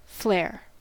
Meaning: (noun) 1. A natural or innate talent or aptitude 2. Distinctive style or elegance 3. Smell; odor 4. Olfaction; sense of smell; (verb) To add flair
- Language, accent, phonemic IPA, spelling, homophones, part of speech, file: English, US, /flɛɚ̯/, flair, flare, noun / verb, En-us-flair.ogg